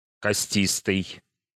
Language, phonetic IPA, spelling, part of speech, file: Russian, [kɐˈsʲtʲistɨj], костистый, adjective, Ru-костистый.ogg
- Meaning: bony; osseous